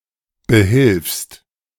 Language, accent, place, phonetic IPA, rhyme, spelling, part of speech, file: German, Germany, Berlin, [bəˈhɪlfst], -ɪlfst, behilfst, verb, De-behilfst.ogg
- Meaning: second-person singular present of behelfen